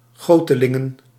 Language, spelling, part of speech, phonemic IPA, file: Dutch, gotelingen, noun, /ˈɣotəˌlɪŋə(n)/, Nl-gotelingen.ogg
- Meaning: plural of goteling